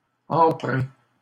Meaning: masculine plural of empreint
- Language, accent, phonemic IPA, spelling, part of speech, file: French, Canada, /ɑ̃.pʁɛ̃/, empreints, adjective, LL-Q150 (fra)-empreints.wav